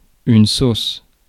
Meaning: sauce
- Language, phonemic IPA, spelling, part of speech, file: French, /sos/, sauce, noun, Fr-sauce.ogg